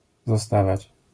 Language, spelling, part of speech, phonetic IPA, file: Polish, zostawać, verb, [zɔˈstavat͡ɕ], LL-Q809 (pol)-zostawać.wav